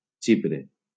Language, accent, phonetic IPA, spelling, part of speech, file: Catalan, Valencia, [ˈt͡ʃi.pɾe], Xipre, proper noun, LL-Q7026 (cat)-Xipre.wav
- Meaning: Cyprus (an island and country in the Mediterranean Sea, normally considered politically part of Europe but geographically part of West Asia)